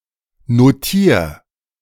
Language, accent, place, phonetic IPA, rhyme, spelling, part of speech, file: German, Germany, Berlin, [noˈtiːɐ̯], -iːɐ̯, notier, verb, De-notier.ogg
- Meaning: 1. singular imperative of notieren 2. first-person singular present of notieren